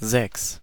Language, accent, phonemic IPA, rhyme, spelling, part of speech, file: German, Germany, /zɛks/, -ɛks, sechs, numeral, De-sechs.ogg
- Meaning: six (numerical value represented by the Arabic numeral 6; or describing a set with six elements)